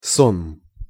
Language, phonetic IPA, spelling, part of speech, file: Russian, [sonm], сонм, noun, Ru-сонм.ogg
- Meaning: host, crowd